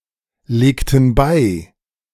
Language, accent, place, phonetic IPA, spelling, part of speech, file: German, Germany, Berlin, [ˌleːktn̩ ˈbaɪ̯], legten bei, verb, De-legten bei.ogg
- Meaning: inflection of beilegen: 1. first/third-person plural preterite 2. first/third-person plural subjunctive II